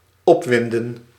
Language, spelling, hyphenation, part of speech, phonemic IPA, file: Dutch, opwinden, op‧win‧den, verb, /ˈɔpˌʋɪn.də(n)/, Nl-opwinden.ogg
- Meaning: 1. to wind, to wind up; e.g. to tighten a clockwork mechanism 2. to agitate, to excite 3. to get agitated, to get excited, to become aggravated